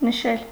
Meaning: 1. to mark, to note 2. to mention, to indicate, to point 3. to celebrate, to mark by celebration, to commemorate
- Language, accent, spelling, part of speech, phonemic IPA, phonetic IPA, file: Armenian, Eastern Armenian, նշել, verb, /nəˈʃel/, [nəʃél], Hy-նշել.ogg